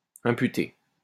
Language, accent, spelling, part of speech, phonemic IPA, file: French, France, imputer, verb, /ɛ̃.py.te/, LL-Q150 (fra)-imputer.wav
- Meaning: 1. to attribute, impute, put down to 2. to charge, allocate, settle 3. to blame oneself 4. to accept responsibility, take the blame